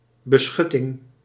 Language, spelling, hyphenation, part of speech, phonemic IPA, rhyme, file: Dutch, beschutting, be‧schut‧ting, noun, /bəˈsxʏ.tɪŋ/, -ʏtɪŋ, Nl-beschutting.ogg
- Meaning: 1. shelter; protection, especially from the elements or from harm 2. shelter; object or place that offers protection